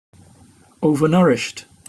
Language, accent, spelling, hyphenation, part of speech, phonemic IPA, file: English, Received Pronunciation, overnourished, o‧ver‧nou‧rished, adjective, /ˈəʊvənʌɹɪʃt/, En-uk-overnourished.opus
- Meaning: 1. Excessively nourished 2. Overweight